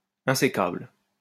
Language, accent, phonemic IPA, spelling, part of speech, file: French, France, /ɛ̃.se.kabl/, insécable, adjective, LL-Q150 (fra)-insécable.wav
- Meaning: 1. indivisible 2. non-breaking